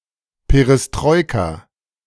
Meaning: perestroika (reform policy in the Soviet Union)
- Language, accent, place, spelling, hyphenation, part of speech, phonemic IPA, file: German, Germany, Berlin, Perestroika, Pe‧res‧troi‧ka, noun, /peʁɛsˈtʁɔʏ̯ka/, De-Perestroika.ogg